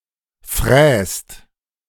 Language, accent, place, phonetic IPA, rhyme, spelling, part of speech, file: German, Germany, Berlin, [fʁɛːst], -ɛːst, fräst, verb, De-fräst.ogg
- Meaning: inflection of fräsen: 1. second/third-person singular present 2. second-person plural present 3. plural imperative